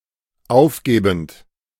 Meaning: present participle of aufgeben
- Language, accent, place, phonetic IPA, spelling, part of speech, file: German, Germany, Berlin, [ˈaʊ̯fˌɡeːbn̩t], aufgebend, verb, De-aufgebend.ogg